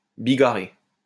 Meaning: to variegate, to produce a colourful pattern
- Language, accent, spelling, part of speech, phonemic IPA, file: French, France, bigarrer, verb, /bi.ɡa.ʁe/, LL-Q150 (fra)-bigarrer.wav